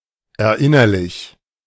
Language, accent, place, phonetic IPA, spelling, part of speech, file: German, Germany, Berlin, [ɛɐ̯ˈʔɪnɐlɪç], erinnerlich, adjective, De-erinnerlich.ogg
- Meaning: recalled, remembered